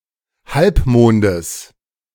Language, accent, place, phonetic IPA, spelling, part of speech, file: German, Germany, Berlin, [ˈhalpˌmoːndəs], Halbmondes, noun, De-Halbmondes.ogg
- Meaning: genitive of Halbmond